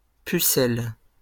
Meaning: 1. maiden; virgin 2. metal regulation badge worn on the chest with insignia indicating the formation to which it belongs
- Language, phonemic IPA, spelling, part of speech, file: French, /py.sɛl/, pucelle, noun, LL-Q150 (fra)-pucelle.wav